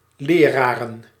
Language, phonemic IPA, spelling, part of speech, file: Dutch, /ˈlerarə(n)/, leraren, noun, Nl-leraren.ogg
- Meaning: plural of leraar